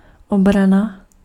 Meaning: defense
- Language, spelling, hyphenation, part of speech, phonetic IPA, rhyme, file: Czech, obrana, obra‧na, noun, [ˈobrana], -ana, Cs-obrana.ogg